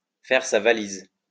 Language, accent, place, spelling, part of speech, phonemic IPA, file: French, France, Lyon, faire sa valise, verb, /fɛʁ sa va.liz/, LL-Q150 (fra)-faire sa valise.wav
- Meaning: alternative form of faire ses valises (“pack one's bags”)